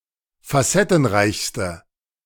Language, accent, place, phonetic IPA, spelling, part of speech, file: German, Germany, Berlin, [faˈsɛtn̩ˌʁaɪ̯çstə], facettenreichste, adjective, De-facettenreichste.ogg
- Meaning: inflection of facettenreich: 1. strong/mixed nominative/accusative feminine singular superlative degree 2. strong nominative/accusative plural superlative degree